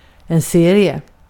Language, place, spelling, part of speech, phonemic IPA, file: Swedish, Gotland, serie, noun, /ˈseːrɪɛ/, Sv-serie.ogg
- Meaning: 1. a sequence of things or events 2. series; the sum of the terms in a sequence 3. series; a regularly broadcasted TV show 4. a comic (strip) 5. a league